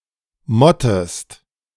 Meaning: inflection of motten: 1. second-person singular present 2. second-person singular subjunctive I
- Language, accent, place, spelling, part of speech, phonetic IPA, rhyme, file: German, Germany, Berlin, mottest, verb, [ˈmɔtəst], -ɔtəst, De-mottest.ogg